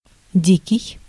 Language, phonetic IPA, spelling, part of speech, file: Russian, [ˈdʲikʲɪj], дикий, adjective, Ru-дикий.ogg
- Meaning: 1. wild, savage, untamed 2. uncivilized 3. odd, bizarre 4. outrageous